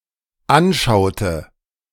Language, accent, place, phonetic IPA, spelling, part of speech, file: German, Germany, Berlin, [ˈanˌʃaʊ̯tə], anschaute, verb, De-anschaute.ogg
- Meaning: inflection of anschauen: 1. first/third-person singular dependent preterite 2. first/third-person singular dependent subjunctive II